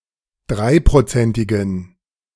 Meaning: inflection of dreiprozentig: 1. strong genitive masculine/neuter singular 2. weak/mixed genitive/dative all-gender singular 3. strong/weak/mixed accusative masculine singular 4. strong dative plural
- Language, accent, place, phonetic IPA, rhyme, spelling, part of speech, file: German, Germany, Berlin, [ˈdʁaɪ̯pʁoˌt͡sɛntɪɡn̩], -aɪ̯pʁot͡sɛntɪɡn̩, dreiprozentigen, adjective, De-dreiprozentigen.ogg